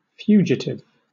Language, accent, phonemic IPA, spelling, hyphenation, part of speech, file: English, Southern England, /ˈfjuːd͡ʒɪtɪv/, fugitive, fu‧gi‧tive, noun / adjective / verb, LL-Q1860 (eng)-fugitive.wav